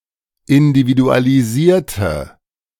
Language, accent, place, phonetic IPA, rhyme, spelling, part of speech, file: German, Germany, Berlin, [ɪndividualiˈziːɐ̯tə], -iːɐ̯tə, individualisierte, adjective / verb, De-individualisierte.ogg
- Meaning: inflection of individualisieren: 1. first/third-person singular preterite 2. first/third-person singular subjunctive II